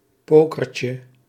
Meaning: diminutive of poker
- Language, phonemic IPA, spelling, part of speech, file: Dutch, /ˈpokərcə/, pokertje, noun, Nl-pokertje.ogg